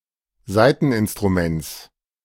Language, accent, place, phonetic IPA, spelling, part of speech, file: German, Germany, Berlin, [ˈzaɪ̯tn̩ʔɪnstʁuˌmɛnt͡s], Saiteninstruments, noun, De-Saiteninstruments.ogg
- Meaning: genitive singular of Saiteninstrument